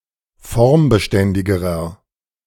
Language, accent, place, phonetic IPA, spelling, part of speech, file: German, Germany, Berlin, [ˈfɔʁmbəˌʃtɛndɪɡəʁɐ], formbeständigerer, adjective, De-formbeständigerer.ogg
- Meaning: inflection of formbeständig: 1. strong/mixed nominative masculine singular comparative degree 2. strong genitive/dative feminine singular comparative degree